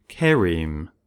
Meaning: A basic unit of a sign language; equivalent to a phoneme
- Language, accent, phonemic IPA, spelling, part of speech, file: English, US, /ˈkɪəɹiːm/, chereme, noun, En-us-chereme.ogg